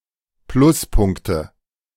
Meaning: nominative/accusative/genitive plural of Pluspunkt
- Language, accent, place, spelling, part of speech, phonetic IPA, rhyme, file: German, Germany, Berlin, Pluspunkte, noun, [ˈplʊsˌpʊŋktə], -ʊspʊŋktə, De-Pluspunkte.ogg